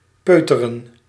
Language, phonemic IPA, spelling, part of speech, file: Dutch, /ˈpøː.tə.rə(n)/, peuteren, verb, Nl-peuteren.ogg
- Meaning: to fiddle with or pick at something